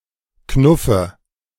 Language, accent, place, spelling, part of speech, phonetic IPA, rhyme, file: German, Germany, Berlin, knuffe, verb, [ˈknʊfə], -ʊfə, De-knuffe.ogg
- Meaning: inflection of knuffen: 1. first-person singular present 2. first/third-person singular subjunctive I 3. singular imperative